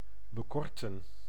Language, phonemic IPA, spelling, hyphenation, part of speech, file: Dutch, /bəˈkɔrtə(n)/, bekorten, be‧kor‧ten, verb, Nl-bekorten.ogg
- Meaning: to shorten